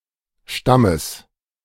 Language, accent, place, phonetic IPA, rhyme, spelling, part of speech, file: German, Germany, Berlin, [ˈʃtaməs], -aməs, Stammes, noun, De-Stammes.ogg
- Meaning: genitive singular of Stamm